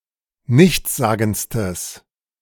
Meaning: strong/mixed nominative/accusative neuter singular superlative degree of nichtssagend
- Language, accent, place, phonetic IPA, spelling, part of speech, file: German, Germany, Berlin, [ˈnɪçt͡sˌzaːɡn̩t͡stəs], nichtssagendstes, adjective, De-nichtssagendstes.ogg